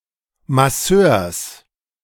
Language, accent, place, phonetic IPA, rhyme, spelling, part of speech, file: German, Germany, Berlin, [maˈsøːɐ̯s], -øːɐ̯s, Masseurs, noun, De-Masseurs.ogg
- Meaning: genitive singular of Masseur